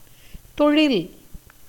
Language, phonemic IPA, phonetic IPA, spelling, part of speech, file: Tamil, /t̪oɻɪl/, [t̪o̞ɻɪl], தொழில், noun, Ta-தொழில்.ogg
- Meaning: occupation